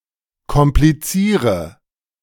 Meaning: inflection of komplizieren: 1. first-person singular present 2. first/third-person singular subjunctive I 3. singular imperative
- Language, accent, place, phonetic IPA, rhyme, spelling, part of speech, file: German, Germany, Berlin, [kɔmpliˈt͡siːʁə], -iːʁə, kompliziere, verb, De-kompliziere.ogg